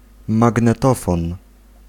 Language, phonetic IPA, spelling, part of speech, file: Polish, [ˌmaɡnɛˈtɔfɔ̃n], magnetofon, noun, Pl-magnetofon.ogg